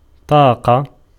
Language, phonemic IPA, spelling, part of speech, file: Arabic, /tˤaː.qa/, طاقة, noun, Ar-طاقة.ogg
- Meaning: 1. power, strength; fortitude, endurance 2. energy 3. window